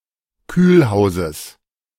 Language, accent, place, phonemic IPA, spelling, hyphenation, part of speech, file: German, Germany, Berlin, /ˈkyːlˌhaʊ̯zəs/, Kühlhauses, Kühl‧hau‧ses, noun, De-Kühlhauses.ogg
- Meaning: genitive singular of Kühlhaus